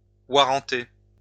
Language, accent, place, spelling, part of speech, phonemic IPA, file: French, France, Lyon, warranter, verb, /wa.ʁɑ̃.te/, LL-Q150 (fra)-warranter.wav
- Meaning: to guarantee (with a warrant)